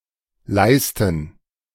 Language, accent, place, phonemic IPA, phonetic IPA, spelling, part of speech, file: German, Germany, Berlin, /ˈlaɪ̯stən/, [ˈlaɪ̯s.tn̩], Leisten, noun, De-Leisten.ogg
- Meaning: 1. last (tool for shaping or preserving the shape of shoes) 2. plural of Leiste 3. gerund of leisten